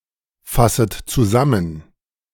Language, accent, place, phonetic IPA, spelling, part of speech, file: German, Germany, Berlin, [ˌfasət t͡suˈzamən], fasset zusammen, verb, De-fasset zusammen.ogg
- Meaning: second-person plural subjunctive I of zusammenfassen